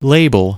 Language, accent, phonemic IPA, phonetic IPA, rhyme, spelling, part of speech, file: English, US, /ˈleɪ.bəl/, [ˈleɪ.bɫ̩], -eɪbəl, label, noun / verb, En-us-label.ogg
- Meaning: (noun) A small ticket or sign giving information about something to which it is attached or intended to be attached